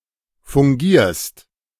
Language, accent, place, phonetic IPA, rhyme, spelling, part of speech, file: German, Germany, Berlin, [fʊŋˈɡiːɐ̯st], -iːɐ̯st, fungierst, verb, De-fungierst.ogg
- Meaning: second-person singular present of fungieren